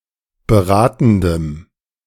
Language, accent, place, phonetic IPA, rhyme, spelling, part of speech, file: German, Germany, Berlin, [bəˈʁaːtn̩dəm], -aːtn̩dəm, beratendem, adjective, De-beratendem.ogg
- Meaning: strong dative masculine/neuter singular of beratend